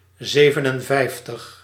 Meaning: fifty-seven
- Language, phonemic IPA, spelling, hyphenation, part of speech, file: Dutch, /ˈzeːvənənˌvɛi̯ftəx/, zevenenvijftig, ze‧ven‧en‧vijf‧tig, numeral, Nl-zevenenvijftig.ogg